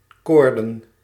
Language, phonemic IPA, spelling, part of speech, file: Dutch, /ˈkordə(n)/, koorden, adjective / noun, Nl-koorden.ogg
- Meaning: plural of koord